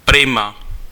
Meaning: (adjective) nice, great; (interjection) nice
- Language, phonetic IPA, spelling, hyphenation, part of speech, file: Czech, [ˈprɪma], prima, pri‧ma, adjective / interjection, Cs-prima.ogg